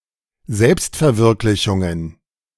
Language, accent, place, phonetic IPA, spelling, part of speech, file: German, Germany, Berlin, [ˈzɛlpstfɛɐ̯ˌvɪʁklɪçʊŋən], Selbstverwirklichungen, noun, De-Selbstverwirklichungen.ogg
- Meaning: plural of Selbstverwirklichung